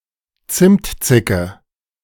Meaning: snotty bitch
- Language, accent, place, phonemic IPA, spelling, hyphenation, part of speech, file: German, Germany, Berlin, /ˈt͡sɪmtˌt͡sɪkə/, Zimtzicke, Zimt‧zi‧cke, noun, De-Zimtzicke.ogg